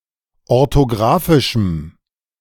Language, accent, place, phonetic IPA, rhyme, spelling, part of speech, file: German, Germany, Berlin, [ɔʁtoˈɡʁaːfɪʃm̩], -aːfɪʃm̩, orthographischem, adjective, De-orthographischem.ogg
- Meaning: strong dative masculine/neuter singular of orthographisch